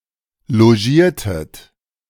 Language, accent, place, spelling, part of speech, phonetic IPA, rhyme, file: German, Germany, Berlin, logiertet, verb, [loˈʒiːɐ̯tət], -iːɐ̯tət, De-logiertet.ogg
- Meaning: inflection of logieren: 1. second-person plural preterite 2. second-person plural subjunctive II